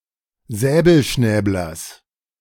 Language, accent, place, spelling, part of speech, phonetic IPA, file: German, Germany, Berlin, Säbelschnäblers, noun, [ˈzɛːbl̩ˌʃnɛːblɐs], De-Säbelschnäblers.ogg
- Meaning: genitive singular of Säbelschnäbler